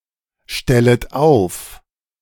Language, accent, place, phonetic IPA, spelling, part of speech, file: German, Germany, Berlin, [ˌʃtɛlət ˈaʊ̯f], stellet auf, verb, De-stellet auf.ogg
- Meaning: second-person plural subjunctive I of aufstellen